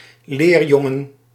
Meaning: a male apprentice, notably a junior apprentice
- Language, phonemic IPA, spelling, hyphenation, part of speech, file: Dutch, /ˈleːrˌjɔ.ŋə(n)/, leerjongen, leer‧jon‧gen, noun, Nl-leerjongen.ogg